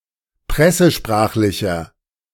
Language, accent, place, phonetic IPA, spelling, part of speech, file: German, Germany, Berlin, [ˈpʁɛsəˌʃpʁaːxlɪçɐ], pressesprachlicher, adjective, De-pressesprachlicher.ogg
- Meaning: inflection of pressesprachlich: 1. strong/mixed nominative masculine singular 2. strong genitive/dative feminine singular 3. strong genitive plural